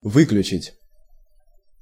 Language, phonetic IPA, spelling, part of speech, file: Russian, [ˈvɨklʲʉt͡ɕɪtʲ], выключить, verb, Ru-выключить.ogg
- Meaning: 1. to shut down, to turn off, to disable (to put a mechanism, device or system out of operation) 2. to exclude (to omit from consideration)